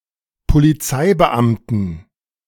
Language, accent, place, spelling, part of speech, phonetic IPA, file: German, Germany, Berlin, Polizeibeamten, noun, [poliˈt͡saɪ̯bəˌʔamtn̩], De-Polizeibeamten.ogg
- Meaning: inflection of Polizeibeamter: 1. strong genitive/accusative singular 2. strong dative plural 3. weak/mixed genitive/dative/accusative singular 4. weak/mixed all-case plural